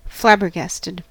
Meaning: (adjective) 1. Appalled, annoyed, exhausted or disgusted 2. Damned; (verb) simple past and past participle of flabbergast
- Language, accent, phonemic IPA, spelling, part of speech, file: English, US, /ˈflæbɚˌɡæstəd/, flabbergasted, adjective / verb, En-us-flabbergasted.ogg